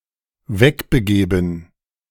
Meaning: to leave
- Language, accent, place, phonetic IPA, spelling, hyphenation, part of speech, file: German, Germany, Berlin, [ˈvɛkbəˌɡeːbn̩], wegbegeben, weg‧be‧ge‧ben, verb, De-wegbegeben.ogg